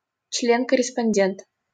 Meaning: 1. associate, associate member (member of an institution or society who is granted only partial status or privileges) 2. corresponding member
- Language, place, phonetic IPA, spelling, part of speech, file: Russian, Saint Petersburg, [ˈt͡ɕlʲen kərʲɪspɐnʲˈdʲent], член-корреспондент, noun, LL-Q7737 (rus)-член-корреспондент.wav